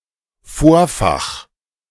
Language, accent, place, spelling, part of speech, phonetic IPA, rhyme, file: German, Germany, Berlin, Vorfach, noun, [ˈfoːɐ̯fax], -oːɐ̯fax, De-Vorfach.ogg
- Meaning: leader (part of fishing line)